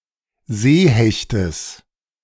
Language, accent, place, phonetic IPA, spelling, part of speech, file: German, Germany, Berlin, [ˈzeːˌhɛçtəs], Seehechtes, noun, De-Seehechtes.ogg
- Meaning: genitive of Seehecht